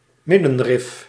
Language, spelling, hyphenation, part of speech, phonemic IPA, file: Dutch, middenrif, mid‧den‧rif, noun, /ˈmɪ.də(n)ˌrɪf/, Nl-middenrif.ogg
- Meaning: midriff, diaphragm